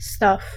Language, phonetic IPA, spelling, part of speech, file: Polish, [staf], staw, noun / verb, Pl-staw.ogg